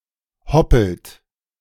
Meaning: inflection of hoppeln: 1. second-person plural present 2. third-person singular present 3. plural imperative
- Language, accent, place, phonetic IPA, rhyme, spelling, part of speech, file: German, Germany, Berlin, [ˈhɔpl̩t], -ɔpl̩t, hoppelt, verb, De-hoppelt.ogg